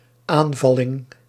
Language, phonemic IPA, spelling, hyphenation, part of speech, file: Dutch, /ˈaːnˌvɑ.lɪŋ/, aanvalling, aan‧val‧ling, noun, Nl-aanvalling.ogg
- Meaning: attack